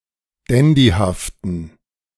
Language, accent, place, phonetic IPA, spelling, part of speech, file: German, Germany, Berlin, [ˈdɛndihaftn̩], dandyhaften, adjective, De-dandyhaften.ogg
- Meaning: inflection of dandyhaft: 1. strong genitive masculine/neuter singular 2. weak/mixed genitive/dative all-gender singular 3. strong/weak/mixed accusative masculine singular 4. strong dative plural